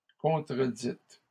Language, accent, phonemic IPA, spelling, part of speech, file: French, Canada, /kɔ̃.tʁə.dit/, contredite, verb, LL-Q150 (fra)-contredite.wav
- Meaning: feminine singular of contredit